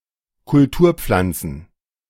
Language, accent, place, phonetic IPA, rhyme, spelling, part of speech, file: German, Germany, Berlin, [kʊlˈtuːɐ̯ˌp͡flant͡sn̩], -uːɐ̯p͡flant͡sn̩, Kulturpflanzen, noun, De-Kulturpflanzen.ogg
- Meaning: plural of Kulturpflanze